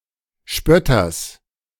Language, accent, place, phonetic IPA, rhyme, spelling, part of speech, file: German, Germany, Berlin, [ˈʃpœtɐs], -œtɐs, Spötters, noun, De-Spötters.ogg
- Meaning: genitive singular of Spötter